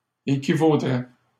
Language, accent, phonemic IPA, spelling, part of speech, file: French, Canada, /e.ki.vo.dʁɛ/, équivaudrait, verb, LL-Q150 (fra)-équivaudrait.wav
- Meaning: third-person singular conditional of équivaloir